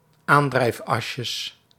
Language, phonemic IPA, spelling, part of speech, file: Dutch, /ˈandrɛifˌɑsjəs/, aandrijfasjes, noun, Nl-aandrijfasjes.ogg
- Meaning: plural of aandrijfasje